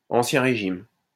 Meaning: former government
- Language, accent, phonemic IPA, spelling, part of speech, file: French, France, /ɑ̃.sjɛ̃ ʁe.ʒim/, ancien régime, noun, LL-Q150 (fra)-ancien régime.wav